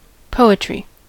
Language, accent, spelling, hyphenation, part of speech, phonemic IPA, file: English, General American, poetry, po‧et‧ry, noun, /ˈpoʊ.ə.tɹi/, En-us-poetry.ogg
- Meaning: 1. Literature composed in verse or language exhibiting conscious attention to patterns and rhythm 2. A poet's literary production